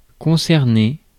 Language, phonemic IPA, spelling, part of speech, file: French, /kɔ̃.sɛʁ.ne/, concerner, verb, Fr-concerner.ogg
- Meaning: to concern (be concerned with, be associated with)